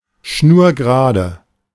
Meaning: dead straight, straightway
- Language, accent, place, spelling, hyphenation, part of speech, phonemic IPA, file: German, Germany, Berlin, schnurgerade, schnur‧ge‧ra‧de, adjective, /ˈʃnuːɐ̯ɡəˌʁaːdə/, De-schnurgerade.ogg